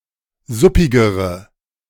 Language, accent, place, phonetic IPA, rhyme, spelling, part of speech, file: German, Germany, Berlin, [ˈzʊpɪɡəʁə], -ʊpɪɡəʁə, suppigere, adjective, De-suppigere.ogg
- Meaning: inflection of suppig: 1. strong/mixed nominative/accusative feminine singular comparative degree 2. strong nominative/accusative plural comparative degree